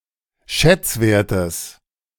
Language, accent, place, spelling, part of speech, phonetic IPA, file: German, Germany, Berlin, Schätzwerten, noun, [ˈʃɛt͡sˌveːɐ̯tn̩], De-Schätzwerten.ogg
- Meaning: dative plural of Schätzwert